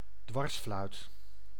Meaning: transverse flute
- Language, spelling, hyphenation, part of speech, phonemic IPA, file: Dutch, dwarsfluit, dwars‧fluit, noun, /ˈdʋɑrs.flœy̯t/, Nl-dwarsfluit.ogg